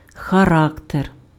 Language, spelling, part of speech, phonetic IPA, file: Ukrainian, характер, noun, [xɐˈrakter], Uk-характер.ogg
- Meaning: 1. character, temper, disposition 2. nature, type